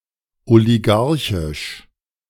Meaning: oligarchic, oligarchical
- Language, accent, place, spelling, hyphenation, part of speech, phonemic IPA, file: German, Germany, Berlin, oligarchisch, oli‧g‧ar‧chisch, adjective, /oliˈɡaʁçɪʃ/, De-oligarchisch.ogg